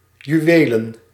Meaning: plural of juweel
- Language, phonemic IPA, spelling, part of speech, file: Dutch, /jyˈʋeːlən/, juwelen, noun, Nl-juwelen.ogg